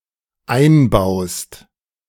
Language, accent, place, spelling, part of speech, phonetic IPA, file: German, Germany, Berlin, einbaust, verb, [ˈaɪ̯nˌbaʊ̯st], De-einbaust.ogg
- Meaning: second-person singular dependent present of einbauen